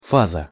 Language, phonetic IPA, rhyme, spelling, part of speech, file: Russian, [ˈfazə], -azə, фаза, noun, Ru-фаза.ogg
- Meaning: phase